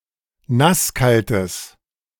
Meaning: strong/mixed nominative/accusative neuter singular of nasskalt
- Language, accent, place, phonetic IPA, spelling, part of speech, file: German, Germany, Berlin, [ˈnasˌkaltəs], nasskaltes, adjective, De-nasskaltes.ogg